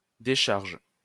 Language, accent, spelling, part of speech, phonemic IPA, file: French, France, décharge, noun / verb, /de.ʃaʁʒ/, LL-Q150 (fra)-décharge.wav
- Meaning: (noun) 1. discharge 2. release 3. unloading (action of unloading something) 4. landfill 5. à sa décharge: in (someone's) defence, to be fair, in fairness (to)